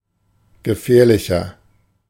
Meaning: 1. comparative degree of gefährlich 2. inflection of gefährlich: strong/mixed nominative masculine singular 3. inflection of gefährlich: strong genitive/dative feminine singular
- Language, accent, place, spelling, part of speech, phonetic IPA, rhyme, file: German, Germany, Berlin, gefährlicher, adjective, [ɡəˈfɛːɐ̯lɪçɐ], -ɛːɐ̯lɪçɐ, De-gefährlicher.ogg